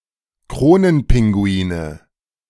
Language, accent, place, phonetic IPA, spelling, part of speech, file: German, Germany, Berlin, [ˈkʁoːnənˌpɪŋɡuiːnə], Kronenpinguine, noun, De-Kronenpinguine.ogg
- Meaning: nominative/accusative/genitive plural of Kronenpinguin